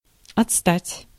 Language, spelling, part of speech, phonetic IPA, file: Russian, отстать, verb, [ɐt͡sˈstatʲ], Ru-отстать.ogg
- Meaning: 1. to fall behind, to lag (to be below average in performance) 2. to be slow (of a clock) 3. to be backward / behind; to be retarded 4. to come / fall off, to peel off